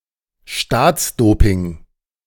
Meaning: Doping organized and promoted by the government of a country in order to achieve good results, especially in international competitions
- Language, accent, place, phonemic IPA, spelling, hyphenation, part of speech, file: German, Germany, Berlin, /ˈʃtaːt͡sˌdoːpɪŋ/, Staatsdoping, Staats‧do‧ping, noun, De-Staatsdoping.ogg